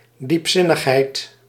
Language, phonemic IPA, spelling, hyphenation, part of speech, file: Dutch, /ˌdipˈsɪ.nəx.ɦɛi̯t/, diepzinnigheid, diep‧zin‧nig‧heid, noun, Nl-diepzinnigheid.ogg
- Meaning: profundity, depth